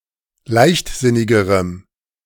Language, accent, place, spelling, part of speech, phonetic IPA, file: German, Germany, Berlin, leichtsinnigerem, adjective, [ˈlaɪ̯çtˌzɪnɪɡəʁəm], De-leichtsinnigerem.ogg
- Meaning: strong dative masculine/neuter singular comparative degree of leichtsinnig